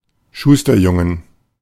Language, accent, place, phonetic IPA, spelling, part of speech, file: German, Germany, Berlin, [ˈʃuːstɐˌjʊŋən], Schusterjungen, noun, De-Schusterjungen.ogg
- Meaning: 1. genitive singular of Schusterjunge 2. plural of Schusterjunge